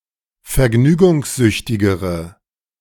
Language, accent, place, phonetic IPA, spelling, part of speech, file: German, Germany, Berlin, [fɛɐ̯ˈɡnyːɡʊŋsˌzʏçtɪɡəʁə], vergnügungssüchtigere, adjective, De-vergnügungssüchtigere.ogg
- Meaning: inflection of vergnügungssüchtig: 1. strong/mixed nominative/accusative feminine singular comparative degree 2. strong nominative/accusative plural comparative degree